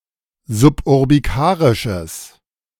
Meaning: strong/mixed nominative/accusative neuter singular of suburbikarisch
- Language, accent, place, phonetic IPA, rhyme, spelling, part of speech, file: German, Germany, Berlin, [zʊpʔʊʁbiˈkaːʁɪʃəs], -aːʁɪʃəs, suburbikarisches, adjective, De-suburbikarisches.ogg